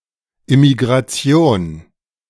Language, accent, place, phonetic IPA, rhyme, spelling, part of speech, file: German, Germany, Berlin, [ɪmiɡʁaˈt͡si̯oːn], -oːn, Immigration, noun, De-Immigration.ogg
- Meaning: immigration